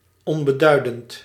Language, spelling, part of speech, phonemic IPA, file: Dutch, onbeduidend, adjective, /ˌɔn.bəˈdœy̯.dənt/, Nl-onbeduidend.ogg
- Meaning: insignificant